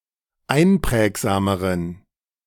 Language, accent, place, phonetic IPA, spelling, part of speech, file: German, Germany, Berlin, [ˈaɪ̯nˌpʁɛːkzaːməʁən], einprägsameren, adjective, De-einprägsameren.ogg
- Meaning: inflection of einprägsam: 1. strong genitive masculine/neuter singular comparative degree 2. weak/mixed genitive/dative all-gender singular comparative degree